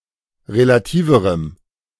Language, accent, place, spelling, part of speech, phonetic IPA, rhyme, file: German, Germany, Berlin, relativerem, adjective, [ʁelaˈtiːvəʁəm], -iːvəʁəm, De-relativerem.ogg
- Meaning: strong dative masculine/neuter singular comparative degree of relativ